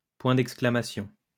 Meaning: exclamation mark, exclamation point
- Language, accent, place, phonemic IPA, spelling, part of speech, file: French, France, Lyon, /pwɛ̃ d‿ɛk.skla.ma.sjɔ̃/, point d'exclamation, noun, LL-Q150 (fra)-point d'exclamation.wav